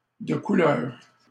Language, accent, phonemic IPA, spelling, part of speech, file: French, Canada, /də ku.lœʁ/, de couleur, adjective, LL-Q150 (fra)-de couleur.wav
- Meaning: of color, colored (of skin color other than white)